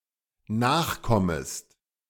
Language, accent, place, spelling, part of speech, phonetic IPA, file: German, Germany, Berlin, nachkommest, verb, [ˈnaːxˌkɔməst], De-nachkommest.ogg
- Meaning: second-person singular dependent subjunctive I of nachkommen